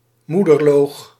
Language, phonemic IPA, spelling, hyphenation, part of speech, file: Dutch, /ˈmu.dərˌloːx/, moederloog, moe‧der‧loog, noun, Nl-moederloog.ogg
- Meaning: mother liquor